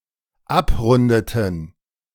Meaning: inflection of abrunden: 1. first/third-person plural dependent preterite 2. first/third-person plural dependent subjunctive II
- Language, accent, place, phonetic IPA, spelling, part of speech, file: German, Germany, Berlin, [ˈapˌʁʊndətn̩], abrundeten, verb, De-abrundeten.ogg